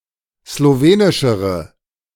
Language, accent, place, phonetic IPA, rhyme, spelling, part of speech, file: German, Germany, Berlin, [sloˈveːnɪʃəʁə], -eːnɪʃəʁə, slowenischere, adjective, De-slowenischere.ogg
- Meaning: inflection of slowenisch: 1. strong/mixed nominative/accusative feminine singular comparative degree 2. strong nominative/accusative plural comparative degree